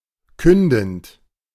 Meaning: present participle of künden
- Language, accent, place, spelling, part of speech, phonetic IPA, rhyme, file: German, Germany, Berlin, kündend, verb, [ˈkʏndn̩t], -ʏndn̩t, De-kündend.ogg